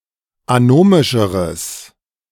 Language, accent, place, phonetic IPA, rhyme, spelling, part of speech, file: German, Germany, Berlin, [aˈnoːmɪʃəʁəs], -oːmɪʃəʁəs, anomischeres, adjective, De-anomischeres.ogg
- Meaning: strong/mixed nominative/accusative neuter singular comparative degree of anomisch